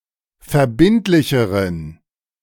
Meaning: inflection of verbindlich: 1. strong genitive masculine/neuter singular comparative degree 2. weak/mixed genitive/dative all-gender singular comparative degree
- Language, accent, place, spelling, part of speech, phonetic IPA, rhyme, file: German, Germany, Berlin, verbindlicheren, adjective, [fɛɐ̯ˈbɪntlɪçəʁən], -ɪntlɪçəʁən, De-verbindlicheren.ogg